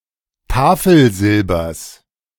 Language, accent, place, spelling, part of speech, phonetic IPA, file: German, Germany, Berlin, Tafelsilbers, noun, [ˈtaːfl̩ˌzɪlbɐs], De-Tafelsilbers.ogg
- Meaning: genitive singular of Tafelsilber